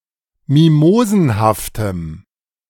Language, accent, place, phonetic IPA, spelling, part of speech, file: German, Germany, Berlin, [ˈmimoːzn̩haftəm], mimosenhaftem, adjective, De-mimosenhaftem.ogg
- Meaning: strong dative masculine/neuter singular of mimosenhaft